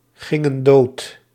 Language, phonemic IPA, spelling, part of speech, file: Dutch, /ˈɣɪŋə(n) ˈdot/, gingen dood, verb, Nl-gingen dood.ogg
- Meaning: inflection of doodgaan: 1. plural past indicative 2. plural past subjunctive